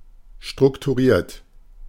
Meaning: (verb) past participle of strukturieren; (adjective) structured
- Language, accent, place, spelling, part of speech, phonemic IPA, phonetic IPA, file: German, Germany, Berlin, strukturiert, verb / adjective, /ʃtʁʊktuˈʁiːʁt/, [ʃtʁʊktʰuˈʁiːɐ̯tʰ], De-strukturiert.ogg